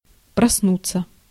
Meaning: to awake, to wake up
- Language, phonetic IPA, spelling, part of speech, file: Russian, [prɐsˈnut͡sːə], проснуться, verb, Ru-проснуться.ogg